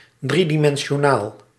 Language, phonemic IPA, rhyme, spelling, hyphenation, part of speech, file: Dutch, /ˌdri.di.mɛn.ʃoːˈnaːl/, -aːl, driedimensionaal, drie‧di‧men‧si‧o‧naal, adjective, Nl-driedimensionaal.ogg
- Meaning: three-dimensional